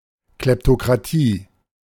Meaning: kleptocracy (a corrupt and dishonest government characterised by greed)
- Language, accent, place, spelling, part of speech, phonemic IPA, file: German, Germany, Berlin, Kleptokratie, noun, /ˌklɛptokʁaˈtiː/, De-Kleptokratie.ogg